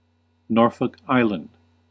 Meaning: An external territory consisting of three islands of Australia in the Pacific Ocean, the main island of which is also named Norfolk Island
- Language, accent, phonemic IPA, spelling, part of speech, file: English, US, /ˈnɔɹ.fɔk ˈaɪ.lənd/, Norfolk Island, proper noun, En-us-Norfolk Island.ogg